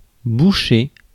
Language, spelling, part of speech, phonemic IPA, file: French, boucher, noun / verb, /bu.ʃe/, Fr-boucher.ogg
- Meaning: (noun) butcher; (verb) 1. to cork up 2. to bung 3. to block up